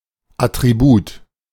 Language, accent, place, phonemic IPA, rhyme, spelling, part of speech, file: German, Germany, Berlin, /atʁibuːt/, -uːt, Attribut, noun, De-Attribut.ogg
- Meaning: 1. attribute (characteristic, (essential) feature) 2. attribute (word qualifying a noun)